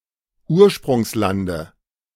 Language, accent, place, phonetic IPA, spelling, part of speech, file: German, Germany, Berlin, [ˈuːɐ̯ʃpʁʊŋsˌlandə], Ursprungslande, noun, De-Ursprungslande.ogg
- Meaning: dative of Ursprungsland